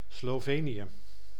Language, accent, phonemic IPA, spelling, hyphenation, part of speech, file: Dutch, Netherlands, /sloːˈveː.ni.(j)ə/, Slovenië, Slo‧ve‧nië, proper noun, Nl-Slovenië.ogg
- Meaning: Slovenia (a country on the Balkan Peninsula in Central Europe)